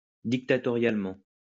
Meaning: dictatorially
- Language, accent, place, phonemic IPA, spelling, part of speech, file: French, France, Lyon, /dik.ta.tɔ.ʁjal.mɑ̃/, dictatorialement, adverb, LL-Q150 (fra)-dictatorialement.wav